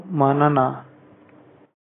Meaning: thank you
- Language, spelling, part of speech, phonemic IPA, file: Pashto, مننه, interjection, /məˈnɘ.nə/, Ps-مننه.oga